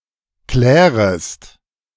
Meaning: second-person singular subjunctive I of klären
- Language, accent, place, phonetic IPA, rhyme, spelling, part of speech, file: German, Germany, Berlin, [ˈklɛːʁəst], -ɛːʁəst, klärest, verb, De-klärest.ogg